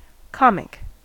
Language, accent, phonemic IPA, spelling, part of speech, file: English, US, /ˈkɑmɪk/, comic, adjective / noun, En-us-comic.ogg
- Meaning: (adjective) 1. Pertaining to comedy, as a literary genre 2. Using the techniques of comedy, as a composition, performer etc; amusing, entertaining 3. Unintentionally humorous; amusing, ridiculous